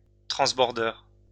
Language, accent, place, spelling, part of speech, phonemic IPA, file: French, France, Lyon, transbordeur, noun, /tʁɑ̃s.bɔʁ.dœʁ/, LL-Q150 (fra)-transbordeur.wav
- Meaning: 1. ferry 2. transporter bridge